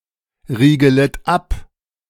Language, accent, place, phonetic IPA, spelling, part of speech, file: German, Germany, Berlin, [ˌʁiːɡələt ˈap], riegelet ab, verb, De-riegelet ab.ogg
- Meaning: second-person plural subjunctive I of abriegeln